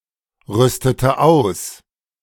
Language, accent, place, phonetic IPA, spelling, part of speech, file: German, Germany, Berlin, [ˌʁʏstətə ˈaʊ̯s], rüstete aus, verb, De-rüstete aus.ogg
- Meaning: inflection of ausrüsten: 1. first/third-person singular preterite 2. first/third-person singular subjunctive II